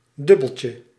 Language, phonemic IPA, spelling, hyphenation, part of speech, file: Dutch, /ˈdʏ.bəl.tjə/, dubbeltje, dub‧bel‧tje, noun, Nl-dubbeltje.ogg
- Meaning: Dutch coin of 10 cents (0.10 guilders or euros)